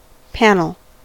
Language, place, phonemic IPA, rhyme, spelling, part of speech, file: English, California, /ˈpænəl/, -ænəl, panel, noun / verb, En-us-panel.ogg
- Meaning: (noun) A (usually) rectangular section of a surface, or of a covering or of a wall, fence etc